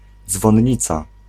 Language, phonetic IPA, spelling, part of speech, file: Polish, [ˌd͡zvɔ̃nˈɲit͡sa], dzwonnica, noun, Pl-dzwonnica.ogg